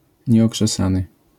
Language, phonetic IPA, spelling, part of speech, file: Polish, [ˌɲɛɔkʃɛˈsãnɨ], nieokrzesany, adjective, LL-Q809 (pol)-nieokrzesany.wav